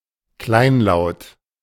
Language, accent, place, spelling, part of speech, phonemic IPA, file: German, Germany, Berlin, kleinlaut, adjective, /ˈklaɪ̯nˌlaʊ̯t/, De-kleinlaut.ogg
- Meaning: petty; abashed, sheepish